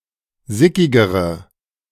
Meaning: inflection of sickig: 1. strong/mixed nominative/accusative feminine singular comparative degree 2. strong nominative/accusative plural comparative degree
- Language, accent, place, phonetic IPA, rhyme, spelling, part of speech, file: German, Germany, Berlin, [ˈzɪkɪɡəʁə], -ɪkɪɡəʁə, sickigere, adjective, De-sickigere.ogg